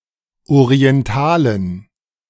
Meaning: 1. genitive singular of Orientale 2. plural of Orientale
- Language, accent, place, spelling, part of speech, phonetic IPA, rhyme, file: German, Germany, Berlin, Orientalen, noun, [oʁiɛnˈtaːlən], -aːlən, De-Orientalen.ogg